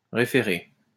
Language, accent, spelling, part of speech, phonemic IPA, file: French, France, référer, verb, /ʁe.fe.ʁe/, LL-Q150 (fra)-référer.wav
- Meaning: 1. to refer (someone) 2. to refer